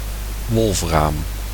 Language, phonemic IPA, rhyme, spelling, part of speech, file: Dutch, /ˈʋɔlfraːm/, -aːm, wolfraam, noun, Nl-wolfraam.ogg
- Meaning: tungsten